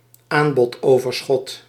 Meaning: oversupply
- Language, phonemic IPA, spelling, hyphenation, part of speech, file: Dutch, /ˈaːn.bɔtˌoː.vər.sxɔt/, aanbodoverschot, aan‧bod‧over‧schot, noun, Nl-aanbodoverschot.ogg